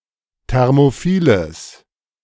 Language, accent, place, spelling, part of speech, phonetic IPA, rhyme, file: German, Germany, Berlin, thermophiles, adjective, [ˌtɛʁmoˈfiːləs], -iːləs, De-thermophiles.ogg
- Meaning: strong/mixed nominative/accusative neuter singular of thermophil